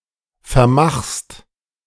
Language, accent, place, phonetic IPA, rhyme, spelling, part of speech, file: German, Germany, Berlin, [fɛɐ̯ˈmaxst], -axst, vermachst, verb, De-vermachst.ogg
- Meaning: second-person singular present of vermachen